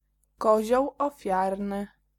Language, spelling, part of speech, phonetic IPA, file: Polish, kozioł ofiarny, noun, [ˈkɔʑɔw ɔˈfʲjarnɨ], Pl-kozioł ofiarny.ogg